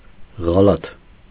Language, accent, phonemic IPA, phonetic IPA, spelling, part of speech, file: Armenian, Eastern Armenian, /ʁɑˈlɑtʰ/, [ʁɑlɑ́tʰ], ղալաթ, noun, Hy-ղալաթ.ogg
- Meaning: mistake